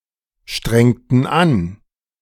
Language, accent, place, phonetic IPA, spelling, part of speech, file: German, Germany, Berlin, [ˌʃtʁɛŋtn̩ ˈan], strengten an, verb, De-strengten an.ogg
- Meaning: inflection of anstrengen: 1. first/third-person plural preterite 2. first/third-person plural subjunctive II